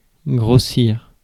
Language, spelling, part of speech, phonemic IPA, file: French, grossir, verb, /ɡʁo.siʁ/, Fr-grossir.ogg
- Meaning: 1. to increase, to make larger 2. to plump up 3. to put on weight, to gain weight; to get fat